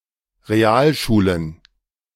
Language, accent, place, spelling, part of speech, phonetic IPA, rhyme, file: German, Germany, Berlin, Realschulen, noun, [ʁeˈaːlˌʃuːlən], -aːlʃuːlən, De-Realschulen.ogg
- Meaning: plural of Realschule